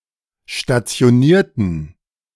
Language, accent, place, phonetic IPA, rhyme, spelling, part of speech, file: German, Germany, Berlin, [ʃtat͡si̯oˈniːɐ̯tn̩], -iːɐ̯tn̩, stationierten, adjective / verb, De-stationierten.ogg
- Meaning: inflection of stationiert: 1. strong genitive masculine/neuter singular 2. weak/mixed genitive/dative all-gender singular 3. strong/weak/mixed accusative masculine singular 4. strong dative plural